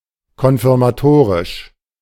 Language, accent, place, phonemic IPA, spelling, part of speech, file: German, Germany, Berlin, /kɔnfɪʁmaˈtoːʁɪʃ/, konfirmatorisch, adjective, De-konfirmatorisch.ogg
- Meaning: confirmatory